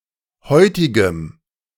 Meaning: strong dative masculine/neuter singular of heutig
- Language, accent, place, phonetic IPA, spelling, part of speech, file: German, Germany, Berlin, [ˈhɔɪ̯tɪɡəm], heutigem, adjective, De-heutigem.ogg